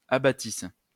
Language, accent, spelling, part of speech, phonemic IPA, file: French, France, abattissent, verb, /a.ba.tis/, LL-Q150 (fra)-abattissent.wav
- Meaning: third-person plural imperfect subjunctive of abattre